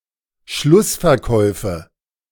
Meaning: nominative/accusative/genitive plural of Schlussverkauf
- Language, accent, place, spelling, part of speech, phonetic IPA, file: German, Germany, Berlin, Schlussverkäufe, noun, [ˈʃlʊsfɛɐ̯ˌkɔɪ̯fə], De-Schlussverkäufe.ogg